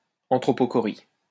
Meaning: anthropochory
- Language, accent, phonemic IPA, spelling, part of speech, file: French, France, /ɑ̃.tʁo.po.kɔ.ʁi/, anthropochorie, noun, LL-Q150 (fra)-anthropochorie.wav